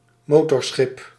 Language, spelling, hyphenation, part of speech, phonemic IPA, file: Dutch, motorschip, mo‧tor‧schip, noun, /ˈmoː.tɔrˌsxɪp/, Nl-motorschip.ogg
- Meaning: motor ship